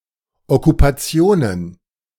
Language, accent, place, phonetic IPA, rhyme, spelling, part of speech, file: German, Germany, Berlin, [ɔkupaˈt͡si̯oːnən], -oːnən, Okkupationen, noun, De-Okkupationen.ogg
- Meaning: plural of Okkupation